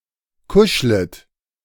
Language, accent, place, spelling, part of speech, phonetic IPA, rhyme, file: German, Germany, Berlin, kuschlet, verb, [ˈkʊʃlət], -ʊʃlət, De-kuschlet.ogg
- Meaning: second-person plural subjunctive I of kuscheln